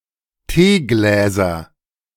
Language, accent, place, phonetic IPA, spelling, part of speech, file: German, Germany, Berlin, [ˈteːˌɡlɛːzɐ], Teegläser, noun, De-Teegläser.ogg
- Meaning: nominative/accusative/genitive plural of Teeglas